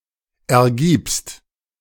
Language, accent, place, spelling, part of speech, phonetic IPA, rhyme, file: German, Germany, Berlin, ergibst, verb, [ɛɐ̯ˈɡiːpst], -iːpst, De-ergibst.ogg
- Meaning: second-person singular present of ergeben